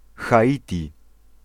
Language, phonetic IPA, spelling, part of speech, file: Polish, [xaˈʲitʲi], Haiti, proper noun, Pl-Haiti.ogg